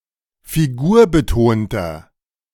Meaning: 1. comparative degree of figurbetont 2. inflection of figurbetont: strong/mixed nominative masculine singular 3. inflection of figurbetont: strong genitive/dative feminine singular
- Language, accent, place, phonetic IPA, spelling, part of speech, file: German, Germany, Berlin, [fiˈɡuːɐ̯bəˌtoːntɐ], figurbetonter, adjective, De-figurbetonter.ogg